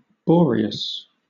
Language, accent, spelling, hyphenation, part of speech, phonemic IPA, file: English, Southern England, Boreas, Bo‧re‧as, proper noun, /ˈbɔːɹɪəs/, LL-Q1860 (eng)-Boreas.wav
- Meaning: 1. The god of the North Wind 2. The north wind personified